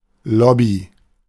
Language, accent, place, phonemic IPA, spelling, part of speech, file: German, Germany, Berlin, /ˈlɔbi/, Lobby, noun, De-Lobby.ogg
- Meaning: 1. lobby, foyer, vestibule (an entryway or reception area) 2. lobby (class or group of people who try to influence public officials; collectively, lobbyists)